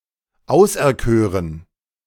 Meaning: first/third-person plural subjunctive II of auserkiesen
- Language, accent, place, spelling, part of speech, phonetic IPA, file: German, Germany, Berlin, auserkören, verb, [ˈaʊ̯sʔɛɐ̯ˌkøːʁən], De-auserkören.ogg